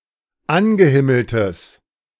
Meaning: strong/mixed nominative/accusative neuter singular of angehimmelt
- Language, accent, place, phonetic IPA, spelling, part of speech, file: German, Germany, Berlin, [ˈanɡəˌhɪml̩təs], angehimmeltes, adjective, De-angehimmeltes.ogg